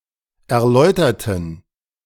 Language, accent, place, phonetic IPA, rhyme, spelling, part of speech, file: German, Germany, Berlin, [ɛɐ̯ˈlɔɪ̯tɐtn̩], -ɔɪ̯tɐtn̩, erläuterten, adjective / verb, De-erläuterten.ogg
- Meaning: inflection of erläutern: 1. first/third-person plural preterite 2. first/third-person plural subjunctive II